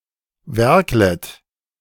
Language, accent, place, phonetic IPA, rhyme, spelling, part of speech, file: German, Germany, Berlin, [ˈvɛʁklət], -ɛʁklət, werklet, verb, De-werklet.ogg
- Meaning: second-person plural subjunctive I of werkeln